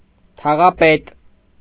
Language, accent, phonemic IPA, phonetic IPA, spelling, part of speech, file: Armenian, Eastern Armenian, /tʰɑʁɑˈpet/, [tʰɑʁɑpét], թաղապետ, noun, Hy-թաղապետ.ogg
- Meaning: head of a municipal district